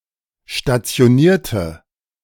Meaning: inflection of stationiert: 1. strong/mixed nominative/accusative feminine singular 2. strong nominative/accusative plural 3. weak nominative all-gender singular
- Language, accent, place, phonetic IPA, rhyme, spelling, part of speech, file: German, Germany, Berlin, [ʃtat͡si̯oˈniːɐ̯tə], -iːɐ̯tə, stationierte, adjective / verb, De-stationierte.ogg